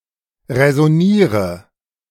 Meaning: inflection of räsonieren: 1. first-person singular present 2. singular imperative 3. first/third-person singular subjunctive I
- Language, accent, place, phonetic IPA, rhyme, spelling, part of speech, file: German, Germany, Berlin, [ʁɛzɔˈniːʁə], -iːʁə, räsoniere, verb, De-räsoniere.ogg